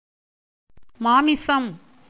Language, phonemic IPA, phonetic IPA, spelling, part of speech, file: Tamil, /mɑːmɪtʃɐm/, [mäːmɪsɐm], மாமிசம், noun, Ta-மாமிசம்.ogg
- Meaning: 1. meat 2. the physical body that which is considered corrupt as a result of original sin; flesh